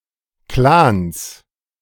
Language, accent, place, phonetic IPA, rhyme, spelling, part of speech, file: German, Germany, Berlin, [klaːns], -aːns, Klans, noun, De-Klans.ogg
- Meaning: plural of Klan